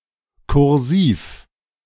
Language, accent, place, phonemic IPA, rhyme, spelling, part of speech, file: German, Germany, Berlin, /kʊʁˈziːf/, -iːf, kursiv, adjective, De-kursiv.ogg
- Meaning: 1. italic (having inclined letters) 2. cursive (having joined letters)